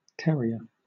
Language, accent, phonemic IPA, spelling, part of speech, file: English, Southern England, /ˈtɛɹiə/, terrier, noun, LL-Q1860 (eng)-terrier.wav